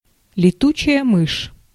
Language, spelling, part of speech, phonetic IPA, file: Russian, летучая мышь, noun, [lʲɪˈtut͡ɕɪjə ˈmɨʂ], Ru-летучая мышь.ogg
- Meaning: bat